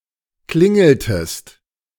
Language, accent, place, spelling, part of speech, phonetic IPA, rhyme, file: German, Germany, Berlin, klingeltest, verb, [ˈklɪŋl̩təst], -ɪŋl̩təst, De-klingeltest.ogg
- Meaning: inflection of klingeln: 1. second-person singular preterite 2. second-person singular subjunctive II